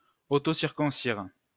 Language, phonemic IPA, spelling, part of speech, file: French, /siʁ.kɔ̃.siʁ/, circoncire, verb, LL-Q150 (fra)-circoncire.wav
- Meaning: to circumcise